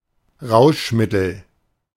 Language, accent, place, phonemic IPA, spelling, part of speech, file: German, Germany, Berlin, /ˈʁaʊ̯ʃˌmɪtəl/, Rauschmittel, noun, De-Rauschmittel.ogg
- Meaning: intoxicant, drug